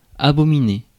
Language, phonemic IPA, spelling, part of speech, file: French, /a.bɔ.mi.ne/, abominer, verb, Fr-abominer.ogg
- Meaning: to hold in abomination; to detest, abhor, execrate